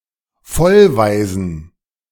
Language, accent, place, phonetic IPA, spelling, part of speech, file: German, Germany, Berlin, [ˈfɔlˌvaɪ̯zn̩], Vollwaisen, noun, De-Vollwaisen.ogg
- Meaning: plural of Vollwaise